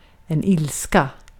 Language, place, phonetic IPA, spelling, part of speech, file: Swedish, Gotland, [ˈɪ̂lːskä], ilska, noun, Sv-ilska.ogg
- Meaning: anger (a strong feeling of displeasure, hostility or antagonism towards someone or something)